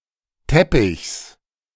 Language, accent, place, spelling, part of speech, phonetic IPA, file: German, Germany, Berlin, Teppichs, noun, [ˈtɛpɪçs], De-Teppichs.ogg
- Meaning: genitive singular of Teppich